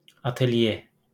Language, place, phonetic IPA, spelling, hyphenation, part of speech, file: Azerbaijani, Baku, [ɑtelˈje], atelye, at‧el‧ye, noun, LL-Q9292 (aze)-atelye.wav
- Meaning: 1. studio, atelier 2. atelier, dressmaking and tailoring establishment